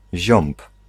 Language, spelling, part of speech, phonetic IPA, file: Polish, ziąb, noun, [ʑɔ̃mp], Pl-ziąb.ogg